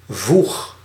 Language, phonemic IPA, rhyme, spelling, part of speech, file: Dutch, /vux/, -ux, voeg, noun / verb, Nl-voeg.ogg
- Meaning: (noun) junction, joint; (verb) inflection of voegen: 1. first-person singular present indicative 2. second-person singular present indicative 3. imperative